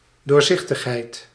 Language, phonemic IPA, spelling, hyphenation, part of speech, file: Dutch, /ˌdoːrˈzɪx.təx.ɦɛi̯t/, doorzichtigheid, door‧zich‧tig‧heid, noun, Nl-doorzichtigheid.ogg
- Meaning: transparency